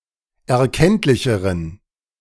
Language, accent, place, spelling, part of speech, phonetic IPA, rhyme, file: German, Germany, Berlin, erkenntlicheren, adjective, [ɛɐ̯ˈkɛntlɪçəʁən], -ɛntlɪçəʁən, De-erkenntlicheren.ogg
- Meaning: inflection of erkenntlich: 1. strong genitive masculine/neuter singular comparative degree 2. weak/mixed genitive/dative all-gender singular comparative degree